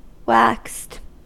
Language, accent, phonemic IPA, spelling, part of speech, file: English, US, /ˈwækst/, waxed, verb / adjective, En-us-waxed.ogg
- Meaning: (verb) simple past and past participle of wax; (adjective) Of an object, coated or treated with wax in order to make it shiny or waterproof, or to protect it